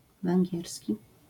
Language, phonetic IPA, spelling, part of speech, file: Polish, [vɛ̃ŋʲˈɟɛrsʲci], węgierski, adjective / noun, LL-Q809 (pol)-węgierski.wav